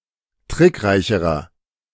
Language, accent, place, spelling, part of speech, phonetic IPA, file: German, Germany, Berlin, trickreicherer, adjective, [ˈtʁɪkˌʁaɪ̯çəʁɐ], De-trickreicherer.ogg
- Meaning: inflection of trickreich: 1. strong/mixed nominative masculine singular comparative degree 2. strong genitive/dative feminine singular comparative degree 3. strong genitive plural comparative degree